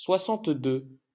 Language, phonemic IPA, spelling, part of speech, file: French, /swa.sɑ̃t.dø/, soixante-deux, numeral, LL-Q150 (fra)-soixante-deux.wav
- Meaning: sixty-two